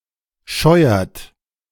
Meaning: inflection of scheuern: 1. third-person singular present 2. second-person plural present 3. plural imperative
- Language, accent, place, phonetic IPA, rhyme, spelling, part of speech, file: German, Germany, Berlin, [ˈʃɔɪ̯ɐt], -ɔɪ̯ɐt, scheuert, verb, De-scheuert.ogg